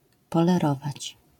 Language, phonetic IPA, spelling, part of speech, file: Polish, [ˌpɔlɛˈrɔvat͡ɕ], polerować, verb, LL-Q809 (pol)-polerować.wav